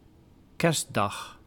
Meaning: Christmas Day
- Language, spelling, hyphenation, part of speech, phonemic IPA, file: Dutch, kerstdag, kerst‧dag, noun, /ˈkɛrs.dɑx/, Nl-kerstdag.ogg